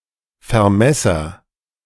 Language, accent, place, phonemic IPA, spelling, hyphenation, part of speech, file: German, Germany, Berlin, /fɛɐ̯ˈmɛsɐ/, Vermesser, Ver‧mes‧ser, noun, De-Vermesser.ogg
- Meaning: surveyor